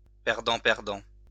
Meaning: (noun) loser; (verb) present participle of perdre
- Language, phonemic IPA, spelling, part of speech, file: French, /pɛʁ.dɑ̃/, perdant, noun / verb, LL-Q150 (fra)-perdant.wav